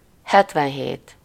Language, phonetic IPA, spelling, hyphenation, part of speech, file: Hungarian, [ˈhɛtvɛnɦeːt], hetvenhét, het‧ven‧hét, numeral, Hu-hetvenhét.ogg
- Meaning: seventy-seven